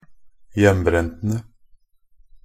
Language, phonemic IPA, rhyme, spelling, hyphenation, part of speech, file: Norwegian Bokmål, /ˈjɛmːbrɛntənə/, -ənə, hjembrentene, hjem‧brent‧en‧e, noun, Nb-hjembrentene.ogg
- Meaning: definite plural of hjembrent